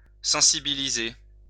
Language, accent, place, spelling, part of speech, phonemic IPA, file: French, France, Lyon, sensibiliser, verb, /sɑ̃.si.bi.li.ze/, LL-Q150 (fra)-sensibiliser.wav
- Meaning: 1. to make sensitive 2. to raise awareness